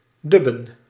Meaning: to doubt, to vacillate
- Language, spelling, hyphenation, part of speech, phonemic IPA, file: Dutch, dubben, dub‧ben, verb, /ˈdʏ.bə(n)/, Nl-dubben.ogg